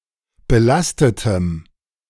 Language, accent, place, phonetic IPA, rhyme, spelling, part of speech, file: German, Germany, Berlin, [bəˈlastətəm], -astətəm, belastetem, adjective, De-belastetem.ogg
- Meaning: strong dative masculine/neuter singular of belastet